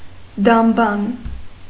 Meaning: synonym of դամբարան (dambaran)
- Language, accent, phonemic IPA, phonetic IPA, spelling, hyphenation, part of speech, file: Armenian, Eastern Armenian, /dɑmˈbɑn/, [dɑmbɑ́n], դամբան, դամ‧բան, noun, Hy-դամբան.ogg